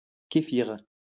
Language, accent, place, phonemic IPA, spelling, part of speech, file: French, France, Lyon, /ke.fiʁ/, kéfir, noun, LL-Q150 (fra)-kéfir.wav
- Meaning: kefir (fermented milk)